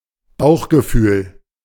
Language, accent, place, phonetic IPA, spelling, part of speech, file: German, Germany, Berlin, [ˈbaʊ̯xɡəˌfyːl], Bauchgefühl, noun, De-Bauchgefühl.ogg
- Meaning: 1. gut feeling 2. intuition